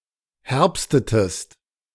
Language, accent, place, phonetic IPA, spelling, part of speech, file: German, Germany, Berlin, [ˈhɛʁpstətəst], herbstetest, verb, De-herbstetest.ogg
- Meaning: inflection of herbsten: 1. second-person singular preterite 2. second-person singular subjunctive II